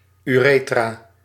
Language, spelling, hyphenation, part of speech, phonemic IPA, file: Dutch, urethra, ure‧thra, noun, /ˌyˈreː.traː/, Nl-urethra.ogg
- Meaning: urethra